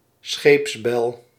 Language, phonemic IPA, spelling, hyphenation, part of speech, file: Dutch, /ˈsxeːps.bɛl/, scheepsbel, scheeps‧bel, noun, Nl-scheepsbel.ogg
- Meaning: ship's bell